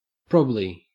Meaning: Pronunciation spelling of probably
- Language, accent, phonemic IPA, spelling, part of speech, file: English, Australia, /ˈpɹɒb.li/, prob'ly, adverb, En-au-prob'ly.ogg